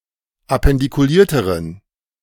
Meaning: inflection of appendikuliert: 1. strong genitive masculine/neuter singular comparative degree 2. weak/mixed genitive/dative all-gender singular comparative degree
- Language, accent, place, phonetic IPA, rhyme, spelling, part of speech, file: German, Germany, Berlin, [apɛndikuˈliːɐ̯təʁən], -iːɐ̯təʁən, appendikulierteren, adjective, De-appendikulierteren.ogg